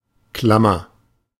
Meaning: 1. comparative degree of klamm 2. inflection of klamm: strong/mixed nominative masculine singular 3. inflection of klamm: strong genitive/dative feminine singular
- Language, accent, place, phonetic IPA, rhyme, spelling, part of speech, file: German, Germany, Berlin, [ˈklamɐ], -amɐ, klammer, adjective / verb, De-klammer.ogg